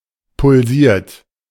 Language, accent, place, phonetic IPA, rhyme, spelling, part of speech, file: German, Germany, Berlin, [pʊlˈziːɐ̯t], -iːɐ̯t, pulsiert, verb, De-pulsiert.ogg
- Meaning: 1. past participle of pulsieren 2. inflection of pulsieren: third-person singular present 3. inflection of pulsieren: second-person plural present 4. inflection of pulsieren: plural imperative